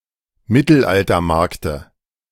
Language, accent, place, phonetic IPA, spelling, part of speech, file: German, Germany, Berlin, [ˈmɪtl̩ʔaltɐˌmaʁktə], Mittelaltermarkte, noun, De-Mittelaltermarkte.ogg
- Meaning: dative singular of Mittelaltermarkt